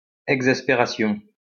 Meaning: 1. exasperation, an exasperated feeling of annoyance, aggravation 2. exasperation (due to actions that cause great irritation or anger)
- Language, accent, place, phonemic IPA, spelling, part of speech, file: French, France, Lyon, /ɛɡ.zas.pe.ʁa.sjɔ̃/, exaspération, noun, LL-Q150 (fra)-exaspération.wav